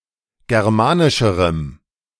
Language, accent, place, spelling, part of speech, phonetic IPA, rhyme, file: German, Germany, Berlin, germanischerem, adjective, [ˌɡɛʁˈmaːnɪʃəʁəm], -aːnɪʃəʁəm, De-germanischerem.ogg
- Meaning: strong dative masculine/neuter singular comparative degree of germanisch